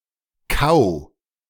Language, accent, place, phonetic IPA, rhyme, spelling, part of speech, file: German, Germany, Berlin, [kaʊ̯], -aʊ̯, kau, verb, De-kau.ogg
- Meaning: singular imperative of kauen